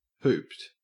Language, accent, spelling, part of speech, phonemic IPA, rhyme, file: English, Australia, hooped, adjective / verb, /huːpt/, -uːpt, En-au-hooped.ogg
- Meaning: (adjective) 1. Containing hoops 2. beset with unfortunate circumstances that seem difficult or impossible to overcome; screwed; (verb) simple past and past participle of hoop